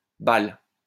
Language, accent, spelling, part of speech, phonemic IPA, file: French, France, bale, noun, /bal/, LL-Q150 (fra)-bale.wav
- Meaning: chaff (inedible casing of a grain seed)